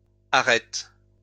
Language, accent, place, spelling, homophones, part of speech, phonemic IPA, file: French, France, Lyon, arrêtes, arrête / arrêtent, verb, /a.ʁɛt/, LL-Q150 (fra)-arrêtes.wav
- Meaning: second-person singular present indicative/subjunctive of arrêter